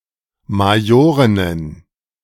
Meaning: plural of Majorin
- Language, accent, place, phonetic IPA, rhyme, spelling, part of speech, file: German, Germany, Berlin, [maˈjoːʁɪnən], -oːʁɪnən, Majorinnen, noun, De-Majorinnen.ogg